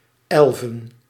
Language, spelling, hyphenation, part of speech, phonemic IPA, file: Dutch, elven, el‧ven, numeral / noun, /ˈɛl.və(n)/, Nl-elven.ogg
- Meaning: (numeral) dative plural of elf, still commonly used in the following contexts: 1. after met z'n: involving eleven people 2. after prepositions like na, om, voor: eleven o'clock; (noun) plural of elf